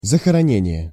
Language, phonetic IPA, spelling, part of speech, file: Russian, [zəxərɐˈnʲenʲɪje], захоронение, noun, Ru-захоронение.ogg
- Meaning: burial, burying; burial place